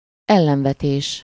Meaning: objection (statement expressing opposition)
- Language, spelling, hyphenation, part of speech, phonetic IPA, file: Hungarian, ellenvetés, el‧len‧ve‧tés, noun, [ˈɛlːɛɱvɛteːʃ], Hu-ellenvetés.ogg